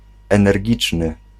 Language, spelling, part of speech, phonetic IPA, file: Polish, energiczny, adjective, [ˌɛ̃nɛrʲˈɟit͡ʃnɨ], Pl-energiczny.ogg